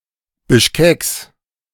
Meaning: genitive singular of Bischkek
- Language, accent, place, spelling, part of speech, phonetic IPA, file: German, Germany, Berlin, Bischkeks, noun, [bɪʃˈkɛːks], De-Bischkeks.ogg